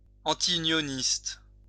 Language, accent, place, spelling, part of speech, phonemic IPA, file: French, France, Lyon, antiunioniste, adjective, /ɑ̃.ti.y.njɔ.nist/, LL-Q150 (fra)-antiunioniste.wav
- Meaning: antiunion